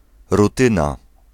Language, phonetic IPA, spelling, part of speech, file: Polish, [ruˈtɨ̃na], rutyna, noun, Pl-rutyna.ogg